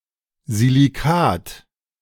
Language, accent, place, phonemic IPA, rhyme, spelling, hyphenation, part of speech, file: German, Germany, Berlin, /ziliˈkaːt/, -aːt, Silicat, Si‧li‧cat, noun, De-Silicat.ogg
- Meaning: silicate